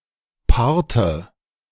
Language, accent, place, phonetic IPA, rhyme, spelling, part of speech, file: German, Germany, Berlin, [ˈpaʁtə], -aʁtə, Parte, noun, De-Parte.ogg
- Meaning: 1. inflection of Part: nominative/accusative/genitive plural 2. inflection of Part: dative singular 3. short for Partezettel: obituary